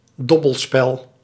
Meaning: a die game (game played with dice), often a gambling game
- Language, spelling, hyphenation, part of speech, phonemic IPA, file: Dutch, dobbelspel, dob‧bel‧spel, noun, /ˈdɔ.bəlˌspɛl/, Nl-dobbelspel.ogg